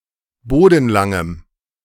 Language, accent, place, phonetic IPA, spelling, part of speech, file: German, Germany, Berlin, [ˈboːdn̩ˌlaŋəm], bodenlangem, adjective, De-bodenlangem.ogg
- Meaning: strong dative masculine/neuter singular of bodenlang